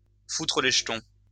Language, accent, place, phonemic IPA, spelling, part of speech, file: French, France, Lyon, /fu.tʁə le ʒ(ə).tɔ̃/, foutre les jetons, verb, LL-Q150 (fra)-foutre les jetons.wav
- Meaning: to scare (someone) stiff, to make (someone's) blood run cold, to give (someone) the shits